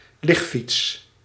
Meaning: recumbent bicycle
- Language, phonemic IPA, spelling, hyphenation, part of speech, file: Dutch, /ˈlɪx.fits/, ligfiets, lig‧fiets, noun, Nl-ligfiets.ogg